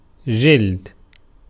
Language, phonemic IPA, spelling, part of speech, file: Arabic, /d͡ʒild/, جلد, noun, Ar-جلد.ogg
- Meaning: 1. skin, hide 2. leather, hide as a material 3. volume of a book or journal